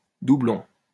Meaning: 1. doubloon 2. doublet (pair of two similar or equal things) 3. duplicate
- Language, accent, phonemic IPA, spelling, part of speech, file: French, France, /du.blɔ̃/, doublon, noun, LL-Q150 (fra)-doublon.wav